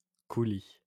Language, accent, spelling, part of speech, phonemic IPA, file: French, France, coulis, adjective / noun, /ku.li/, LL-Q150 (fra)-coulis.wav
- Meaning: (adjective) flowing; running; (noun) 1. coulis (sauce) 2. melted metal used to fix a joint